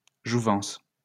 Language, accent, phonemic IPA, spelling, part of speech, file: French, France, /ʒu.vɑ̃s/, jouvence, noun, LL-Q150 (fra)-jouvence.wav
- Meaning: youth (state of being young)